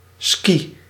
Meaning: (noun) ski; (verb) inflection of skiën: 1. first-person singular present indicative 2. second-person singular present indicative 3. imperative
- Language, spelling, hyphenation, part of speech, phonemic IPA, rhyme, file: Dutch, ski, ski, noun / verb, /ski/, -i, Nl-ski.ogg